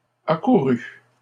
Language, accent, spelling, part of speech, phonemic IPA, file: French, Canada, accourût, verb, /a.ku.ʁy/, LL-Q150 (fra)-accourût.wav
- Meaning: third-person singular imperfect subjunctive of accourir